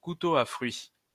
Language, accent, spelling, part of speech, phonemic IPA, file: French, France, couteau à fruit, noun, /ku.to a fʁɥi/, LL-Q150 (fra)-couteau à fruit.wav
- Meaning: fruit knife